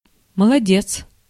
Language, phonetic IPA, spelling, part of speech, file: Russian, [məɫɐˈdʲet͡s], молодец, noun / interjection, Ru-молодец.ogg
- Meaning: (noun) fine fellow, fine girl; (interjection) attaboy!, attagirl!, well done!, bravo!, good for you!, good for her!, good for him!; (noun) brave man, clever man (usually a young man)